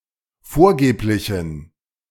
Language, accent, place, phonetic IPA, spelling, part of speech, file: German, Germany, Berlin, [ˈfoːɐ̯ˌɡeːplɪçn̩], vorgeblichen, adjective, De-vorgeblichen.ogg
- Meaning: inflection of vorgeblich: 1. strong genitive masculine/neuter singular 2. weak/mixed genitive/dative all-gender singular 3. strong/weak/mixed accusative masculine singular 4. strong dative plural